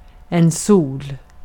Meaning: 1. sun (star the Earth revolves around) 2. a sun (star, especially when seen as the center of a solar system) 3. sun (sunshine) 4. a sun ((person who is a) source of joy) 5. sol
- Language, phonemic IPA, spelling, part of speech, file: Swedish, /suːl/, sol, noun, Sv-sol.ogg